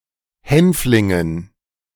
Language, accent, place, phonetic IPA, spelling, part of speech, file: German, Germany, Berlin, [ˈhɛnflɪŋən], Hänflingen, noun, De-Hänflingen.ogg
- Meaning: dative plural of Hänfling